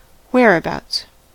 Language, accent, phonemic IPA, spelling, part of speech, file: English, US, /ˌ(h)wɛəɹəˈbaʊts/, whereabouts, adverb / noun, En-us-whereabouts.ogg
- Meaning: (adverb) In, at or near what location; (noun) A location; where something is situated